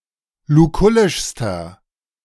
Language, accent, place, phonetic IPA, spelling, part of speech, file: German, Germany, Berlin, [luˈkʊlɪʃstɐ], lukullischster, adjective, De-lukullischster.ogg
- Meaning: inflection of lukullisch: 1. strong/mixed nominative masculine singular superlative degree 2. strong genitive/dative feminine singular superlative degree 3. strong genitive plural superlative degree